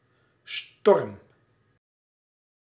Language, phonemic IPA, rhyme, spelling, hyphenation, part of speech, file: Dutch, /stɔrm/, -ɔrm, storm, storm, noun / verb, Nl-storm.ogg
- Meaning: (noun) 1. storm; a wind scale for very strong wind, stronger than a gale, less than a hurricane 2. assault, storming; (verb) inflection of stormen: first-person singular present indicative